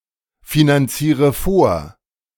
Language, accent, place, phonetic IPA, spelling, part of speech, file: German, Germany, Berlin, [finanˌt͡siːʁə ˈfoːɐ̯], finanziere vor, verb, De-finanziere vor.ogg
- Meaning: inflection of vorfinanzieren: 1. first-person singular present 2. first/third-person singular subjunctive I 3. singular imperative